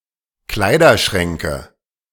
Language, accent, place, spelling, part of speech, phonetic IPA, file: German, Germany, Berlin, Kleiderschränke, noun, [ˈklaɪ̯dɐˌʃʁɛŋkə], De-Kleiderschränke.ogg
- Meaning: nominative/accusative/genitive plural of Kleiderschrank